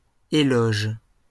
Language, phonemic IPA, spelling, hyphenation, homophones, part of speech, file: French, /e.lɔʒ/, éloge, é‧loge, éloges, noun, LL-Q150 (fra)-éloge.wav
- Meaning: 1. praise 2. accolade 3. eulogy